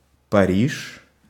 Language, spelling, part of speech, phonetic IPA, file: Russian, Париж, proper noun, [pɐˈrʲiʂ], Ru-Париж.ogg
- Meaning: 1. Paris (the capital and largest city of France) 2. Parizh (a village in Chelyabinsk Oblast, Russia) 3. a hamlet in Bashkortostan